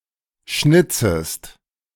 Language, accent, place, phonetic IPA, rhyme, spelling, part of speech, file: German, Germany, Berlin, [ˈʃnɪt͡səst], -ɪt͡səst, schnitzest, verb, De-schnitzest.ogg
- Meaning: second-person singular subjunctive I of schnitzen